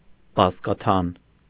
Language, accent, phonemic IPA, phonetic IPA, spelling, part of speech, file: Armenian, Eastern Armenian, /bɑzkɑˈtʰɑn/, [bɑzkɑtʰɑ́n], բազկաթան, noun, Hy-բազկաթան.ogg
- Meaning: food made from tan and stalks of beet